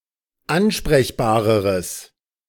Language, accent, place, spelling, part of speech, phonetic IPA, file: German, Germany, Berlin, ansprechbareres, adjective, [ˈanʃpʁɛçbaːʁəʁəs], De-ansprechbareres.ogg
- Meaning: strong/mixed nominative/accusative neuter singular comparative degree of ansprechbar